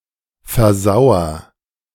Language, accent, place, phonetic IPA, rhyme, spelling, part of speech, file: German, Germany, Berlin, [fɛɐ̯ˈzaʊ̯ɐ], -aʊ̯ɐ, versauer, verb, De-versauer.ogg
- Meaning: inflection of versauern: 1. first-person singular present 2. singular imperative